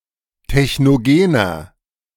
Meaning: inflection of technogen: 1. strong/mixed nominative masculine singular 2. strong genitive/dative feminine singular 3. strong genitive plural
- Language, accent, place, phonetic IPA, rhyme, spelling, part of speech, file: German, Germany, Berlin, [tɛçnoˈɡeːnɐ], -eːnɐ, technogener, adjective, De-technogener.ogg